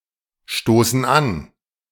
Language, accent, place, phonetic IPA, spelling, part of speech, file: German, Germany, Berlin, [ˌʃtoːsn̩ ˈan], stoßen an, verb, De-stoßen an.ogg
- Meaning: inflection of anstoßen: 1. first/third-person plural present 2. first/third-person plural subjunctive I